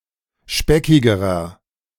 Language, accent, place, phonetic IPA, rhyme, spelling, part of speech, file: German, Germany, Berlin, [ˈʃpɛkɪɡəʁɐ], -ɛkɪɡəʁɐ, speckigerer, adjective, De-speckigerer.ogg
- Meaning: inflection of speckig: 1. strong/mixed nominative masculine singular comparative degree 2. strong genitive/dative feminine singular comparative degree 3. strong genitive plural comparative degree